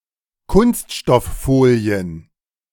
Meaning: plural of Kunststofffolie
- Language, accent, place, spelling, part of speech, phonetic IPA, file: German, Germany, Berlin, Kunststofffolien, noun, [ˈkʊnstʃtɔfˌfoːli̯ən], De-Kunststofffolien.ogg